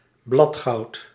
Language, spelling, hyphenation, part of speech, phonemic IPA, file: Dutch, bladgoud, blad‧goud, noun, /ˈblɑt.xɑu̯t/, Nl-bladgoud.ogg
- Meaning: gold leaf